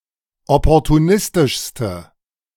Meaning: inflection of opportunistisch: 1. strong/mixed nominative/accusative feminine singular superlative degree 2. strong nominative/accusative plural superlative degree
- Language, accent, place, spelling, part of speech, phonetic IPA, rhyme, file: German, Germany, Berlin, opportunistischste, adjective, [ˌɔpɔʁtuˈnɪstɪʃstə], -ɪstɪʃstə, De-opportunistischste.ogg